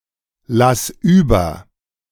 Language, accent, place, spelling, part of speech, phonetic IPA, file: German, Germany, Berlin, lass über, verb, [ˌlas ˈyːbɐ], De-lass über.ogg
- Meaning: singular imperative of überlassen